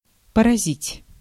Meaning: 1. to hit, to affect, to strike, to defeat (to infect or harm) 2. to amaze, to strike, to stagger, to startle
- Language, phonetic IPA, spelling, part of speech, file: Russian, [pərɐˈzʲitʲ], поразить, verb, Ru-поразить.ogg